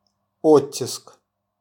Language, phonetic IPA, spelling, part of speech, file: Russian, [ˈotʲːɪsk], оттиск, noun, RU-оттиск.wav
- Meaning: 1. impression, press, type 2. reprint